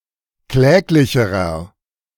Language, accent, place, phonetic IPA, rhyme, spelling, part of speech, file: German, Germany, Berlin, [ˈklɛːklɪçəʁɐ], -ɛːklɪçəʁɐ, kläglicherer, adjective, De-kläglicherer.ogg
- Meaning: inflection of kläglich: 1. strong/mixed nominative masculine singular comparative degree 2. strong genitive/dative feminine singular comparative degree 3. strong genitive plural comparative degree